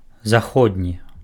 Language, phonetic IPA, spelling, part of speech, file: Belarusian, [zaˈxodnʲi], заходні, adjective, Be-заходні.ogg
- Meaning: west, western